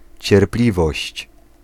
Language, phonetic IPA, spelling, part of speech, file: Polish, [t͡ɕɛrˈplʲivɔɕt͡ɕ], cierpliwość, noun, Pl-cierpliwość.ogg